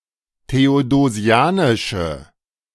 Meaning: inflection of theodosianisch: 1. strong/mixed nominative/accusative feminine singular 2. strong nominative/accusative plural 3. weak nominative all-gender singular
- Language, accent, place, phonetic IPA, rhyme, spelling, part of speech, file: German, Germany, Berlin, [teodoˈzi̯aːnɪʃə], -aːnɪʃə, theodosianische, adjective, De-theodosianische.ogg